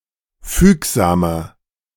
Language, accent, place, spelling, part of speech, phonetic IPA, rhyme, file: German, Germany, Berlin, fügsamer, adjective, [ˈfyːkzaːmɐ], -yːkzaːmɐ, De-fügsamer.ogg
- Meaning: 1. comparative degree of fügsam 2. inflection of fügsam: strong/mixed nominative masculine singular 3. inflection of fügsam: strong genitive/dative feminine singular